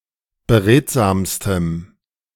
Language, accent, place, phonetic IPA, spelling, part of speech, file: German, Germany, Berlin, [bəˈʁeːtzaːmstəm], beredsamstem, adjective, De-beredsamstem.ogg
- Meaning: strong dative masculine/neuter singular superlative degree of beredsam